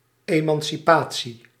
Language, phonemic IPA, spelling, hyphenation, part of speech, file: Dutch, /ˌeː.mɑn.siˈpaː.(t)si/, emancipatie, eman‧ci‧pa‧tie, noun, Nl-emancipatie.ogg
- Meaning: 1. emancipation (individual or social liberation from subordination or oppression) 2. abolition of slavery